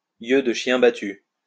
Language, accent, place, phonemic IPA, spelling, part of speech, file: French, France, Lyon, /jø də ʃjɛ̃ ba.ty/, yeux de chien battu, noun, LL-Q150 (fra)-yeux de chien battu.wav
- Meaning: imploring look, pathetic look, hangdog look